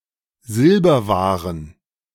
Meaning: plural of Silberware
- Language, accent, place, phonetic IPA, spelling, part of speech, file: German, Germany, Berlin, [ˈzɪlbɐˌvaːʁən], Silberwaren, noun, De-Silberwaren.ogg